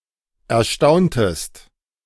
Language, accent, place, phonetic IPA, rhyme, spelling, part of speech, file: German, Germany, Berlin, [ɛɐ̯ˈʃtaʊ̯ntəst], -aʊ̯ntəst, erstauntest, verb, De-erstauntest.ogg
- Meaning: inflection of erstaunen: 1. second-person singular preterite 2. second-person singular subjunctive II